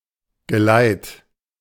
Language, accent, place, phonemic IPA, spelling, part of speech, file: German, Germany, Berlin, /ɡəˈlaɪ̯t/, Geleit, noun, De-Geleit.ogg
- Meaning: escort (group of people providing protection)